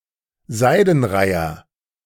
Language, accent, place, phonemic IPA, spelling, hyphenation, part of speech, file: German, Germany, Berlin, /ˈzaɪ̯dənˌʁaɪ̯ɐ/, Seidenreiher, Sei‧den‧rei‧her, noun, De-Seidenreiher.ogg
- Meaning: little egret (bird of the species Egretta garzetta)